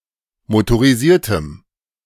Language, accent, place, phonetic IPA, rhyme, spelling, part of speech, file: German, Germany, Berlin, [motoʁiˈziːɐ̯təm], -iːɐ̯təm, motorisiertem, adjective, De-motorisiertem.ogg
- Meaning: strong dative masculine/neuter singular of motorisiert